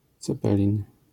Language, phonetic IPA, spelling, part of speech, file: Polish, [t͡sɛˈpɛlʲĩn], cepelin, noun, LL-Q809 (pol)-cepelin.wav